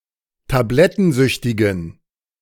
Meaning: inflection of tablettensüchtig: 1. strong genitive masculine/neuter singular 2. weak/mixed genitive/dative all-gender singular 3. strong/weak/mixed accusative masculine singular
- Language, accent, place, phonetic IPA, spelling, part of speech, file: German, Germany, Berlin, [taˈblɛtn̩ˌzʏçtɪɡn̩], tablettensüchtigen, adjective, De-tablettensüchtigen.ogg